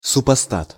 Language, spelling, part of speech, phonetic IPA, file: Russian, супостат, noun, [sʊpɐˈstat], Ru-супостат.ogg
- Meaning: 1. adversary, enemy, foe 2. villain, scoundrel